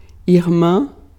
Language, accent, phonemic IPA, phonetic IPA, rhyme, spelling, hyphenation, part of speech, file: Portuguese, Brazil, /iʁˈmɐ̃/, [iɦˈmɐ̃], -ɐ̃, irmã, ir‧mã, noun, Pt-irmã.ogg
- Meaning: sister